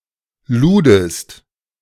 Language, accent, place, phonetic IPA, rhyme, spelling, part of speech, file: German, Germany, Berlin, [ˈluːdəst], -uːdəst, ludest, verb, De-ludest.ogg
- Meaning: second-person singular preterite of laden